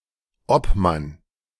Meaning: 1. chairman 2. representative 3. head referee, official, judge
- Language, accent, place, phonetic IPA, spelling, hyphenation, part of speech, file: German, Germany, Berlin, [ˈɔpˌman], Obmann, Ob‧mann, noun, De-Obmann.ogg